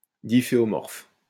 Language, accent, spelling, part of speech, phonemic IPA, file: French, France, difféomorphe, adjective, /di.fe.ɔ.mɔʁf/, LL-Q150 (fra)-difféomorphe.wav
- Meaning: diffeomorphic